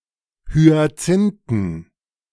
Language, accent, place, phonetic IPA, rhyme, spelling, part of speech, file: German, Germany, Berlin, [hyaˈt͡sɪntn̩], -ɪntn̩, Hyazinthen, noun, De-Hyazinthen.ogg
- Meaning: plural of Hyazinthe